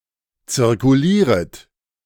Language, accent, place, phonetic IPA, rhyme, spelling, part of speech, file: German, Germany, Berlin, [t͡sɪʁkuˈliːʁət], -iːʁət, zirkulieret, verb, De-zirkulieret.ogg
- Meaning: second-person plural subjunctive I of zirkulieren